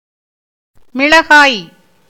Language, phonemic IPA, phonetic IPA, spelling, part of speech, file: Tamil, /mɪɭɐɡɑːj/, [mɪɭɐɡäːj], மிளகாய், noun, Ta-மிளகாய்.ogg
- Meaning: 1. chili pepper (any fruit of a plant of the botanical genus Capsicum, which contains capsaicin and typically has a spicy or burning flavor) 2. the plant that bears chilli peppers